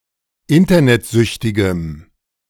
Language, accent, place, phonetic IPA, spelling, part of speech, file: German, Germany, Berlin, [ˈɪntɐnɛtˌzʏçtɪɡəm], internetsüchtigem, adjective, De-internetsüchtigem.ogg
- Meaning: strong dative masculine/neuter singular of internetsüchtig